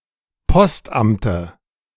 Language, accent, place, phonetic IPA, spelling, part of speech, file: German, Germany, Berlin, [ˈpɔstˌʔamtə], Postamte, noun, De-Postamte.ogg
- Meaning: dative of Postamt